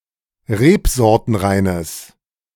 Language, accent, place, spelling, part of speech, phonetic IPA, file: German, Germany, Berlin, rebsortenreines, adjective, [ˈʁeːpzɔʁtənˌʁaɪ̯nəs], De-rebsortenreines.ogg
- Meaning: strong/mixed nominative/accusative neuter singular of rebsortenrein